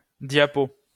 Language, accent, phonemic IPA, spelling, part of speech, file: French, France, /dja.po/, diapo, noun, LL-Q150 (fra)-diapo.wav
- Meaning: clipping of diapositive